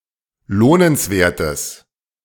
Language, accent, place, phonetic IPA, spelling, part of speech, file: German, Germany, Berlin, [ˈloːnənsˌveːɐ̯təs], lohnenswertes, adjective, De-lohnenswertes.ogg
- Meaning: strong/mixed nominative/accusative neuter singular of lohnenswert